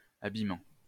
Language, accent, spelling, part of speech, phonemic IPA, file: French, France, abîmant, verb, /a.bi.mɑ̃/, LL-Q150 (fra)-abîmant.wav
- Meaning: present participle of abîmer